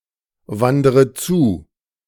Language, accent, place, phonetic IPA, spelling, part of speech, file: German, Germany, Berlin, [ˌvandəʁə ˈt͡suː], wandere zu, verb, De-wandere zu.ogg
- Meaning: inflection of zuwandern: 1. first-person singular present 2. first/third-person singular subjunctive I 3. singular imperative